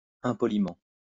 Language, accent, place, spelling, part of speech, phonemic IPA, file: French, France, Lyon, impoliment, adverb, /ɛ̃.pɔ.li.mɑ̃/, LL-Q150 (fra)-impoliment.wav
- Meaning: impolitely; without politeness